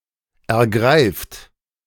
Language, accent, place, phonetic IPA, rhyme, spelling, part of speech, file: German, Germany, Berlin, [ɛɐ̯ˈɡʁaɪ̯ft], -aɪ̯ft, ergreift, verb, De-ergreift.ogg
- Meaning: inflection of ergreifen: 1. third-person singular present 2. second-person plural present 3. plural imperative